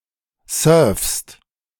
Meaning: second-person singular present of surfen
- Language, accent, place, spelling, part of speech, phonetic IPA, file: German, Germany, Berlin, surfst, verb, [sœːɐ̯fst], De-surfst.ogg